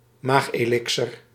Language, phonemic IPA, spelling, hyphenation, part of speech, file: Dutch, /ˈmaxelɪksər/, maagelixer, maag‧elixer, noun, Nl-maagelixer.ogg
- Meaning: elixir for the stomach